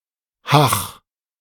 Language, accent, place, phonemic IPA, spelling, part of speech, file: German, Germany, Berlin, /ha(ː)x/, hach, interjection, De-hach.ogg
- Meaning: 1. expresses musing or nostalgia 2. signals the end of a conservation, typically when nobody has spoken for a short while